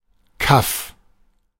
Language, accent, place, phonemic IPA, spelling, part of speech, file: German, Germany, Berlin, /kaf/, Kaff, noun, De-Kaff.ogg
- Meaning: 1. backwater, Hicksville, bumfuck (a backwards, boring rural town or village) 2. chaff 3. junk, rubbish